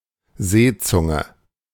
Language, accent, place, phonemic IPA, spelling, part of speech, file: German, Germany, Berlin, /ˈzeːˌt͡sʊŋə/, Seezunge, noun, De-Seezunge.ogg
- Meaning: sole (fish)